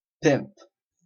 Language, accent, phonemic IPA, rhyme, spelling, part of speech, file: English, Canada, /pɪmp/, -ɪmp, pimp, noun / verb / adjective / numeral, En-ca-pimp.oga
- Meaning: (noun) 1. Someone who solicits customers for prostitution and acts as manager for a group of prostitutes; a pander 2. A man who can easily attract women